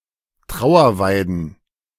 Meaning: plural of Trauerweide
- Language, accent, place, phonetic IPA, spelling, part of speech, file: German, Germany, Berlin, [ˈtʁaʊ̯ɐˌvaɪ̯dn̩], Trauerweiden, noun, De-Trauerweiden.ogg